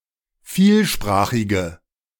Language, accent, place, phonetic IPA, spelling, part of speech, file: German, Germany, Berlin, [ˈfiːlˌʃpʁaːxɪɡə], vielsprachige, adjective, De-vielsprachige.ogg
- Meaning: inflection of vielsprachig: 1. strong/mixed nominative/accusative feminine singular 2. strong nominative/accusative plural 3. weak nominative all-gender singular